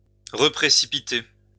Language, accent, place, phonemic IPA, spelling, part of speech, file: French, France, Lyon, /ʁə.pʁe.si.pi.te/, reprécipiter, verb, LL-Q150 (fra)-reprécipiter.wav
- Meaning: to reprecipitate